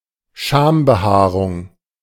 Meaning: pubic hair
- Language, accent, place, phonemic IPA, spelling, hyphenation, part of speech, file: German, Germany, Berlin, /ˈʃaːmbəˌhaːʁʊŋ/, Schambehaarung, Scham‧be‧haa‧rung, noun, De-Schambehaarung.ogg